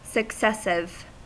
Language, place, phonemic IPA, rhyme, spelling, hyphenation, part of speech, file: English, California, /səkˈsɛsɪv/, -ɛsɪv, successive, suc‧ces‧sive, adjective, En-us-successive.ogg
- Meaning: 1. Coming one after the other in a series 2. Of, or relating to a succession; hereditary